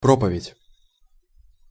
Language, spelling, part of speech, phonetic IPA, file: Russian, проповедь, noun, [ˈpropəvʲɪtʲ], Ru-проповедь.ogg
- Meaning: 1. sermon, homily 2. propagation (of ideas), advocacy